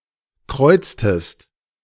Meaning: inflection of kreuzen: 1. second-person singular preterite 2. second-person singular subjunctive II
- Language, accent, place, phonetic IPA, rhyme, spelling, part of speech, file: German, Germany, Berlin, [ˈkʁɔɪ̯t͡stəst], -ɔɪ̯t͡stəst, kreuztest, verb, De-kreuztest.ogg